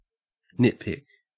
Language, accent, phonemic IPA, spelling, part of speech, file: English, Australia, /ˈnɪt.pɪk/, nitpick, verb / noun, En-au-nitpick.ogg
- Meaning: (verb) 1. To correct insignificant mistakes or find fault in unimportant details 2. To pick nits (lice eggs) from someone’s hair; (noun) A quibble about a minor mistake or fault